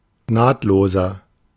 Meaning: inflection of nahtlos: 1. strong/mixed nominative masculine singular 2. strong genitive/dative feminine singular 3. strong genitive plural
- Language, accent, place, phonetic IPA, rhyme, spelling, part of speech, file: German, Germany, Berlin, [ˈnaːtloːzɐ], -aːtloːzɐ, nahtloser, adjective, De-nahtloser.ogg